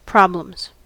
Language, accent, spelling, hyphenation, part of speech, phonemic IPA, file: English, US, problems, prob‧lems, noun / verb, /ˈpɹɑbləmz/, En-us-problems.ogg
- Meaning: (noun) plural of problem; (verb) third-person singular simple present indicative of problem